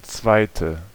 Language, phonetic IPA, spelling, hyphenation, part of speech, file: German, [ˈtsvaɪ̯tə], zweite, zwei‧te, adjective, De-zweite.ogg
- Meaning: second